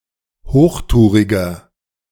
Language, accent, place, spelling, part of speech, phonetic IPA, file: German, Germany, Berlin, hochtouriger, adjective, [ˈhoːxˌtuːʁɪɡɐ], De-hochtouriger.ogg
- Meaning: inflection of hochtourig: 1. strong/mixed nominative masculine singular 2. strong genitive/dative feminine singular 3. strong genitive plural